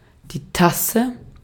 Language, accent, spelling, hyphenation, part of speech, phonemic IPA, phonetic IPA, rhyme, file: German, Austria, Tasse, Tas‧se, noun, /ˈtasə/, [ˈtʰa.sə], -asə, De-at-Tasse.ogg
- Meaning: cup, mug (drinking vessel)